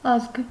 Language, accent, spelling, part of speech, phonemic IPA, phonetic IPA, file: Armenian, Eastern Armenian, ազգ, noun, /ɑzɡ/, [ɑzɡ], Hy-ազգ.ogg
- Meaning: 1. nation, people 2. family, kin, clan 3. species